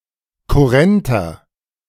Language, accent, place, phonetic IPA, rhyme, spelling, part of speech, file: German, Germany, Berlin, [kʊˈʁɛntɐ], -ɛntɐ, kurrenter, adjective, De-kurrenter.ogg
- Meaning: inflection of kurrent: 1. strong/mixed nominative masculine singular 2. strong genitive/dative feminine singular 3. strong genitive plural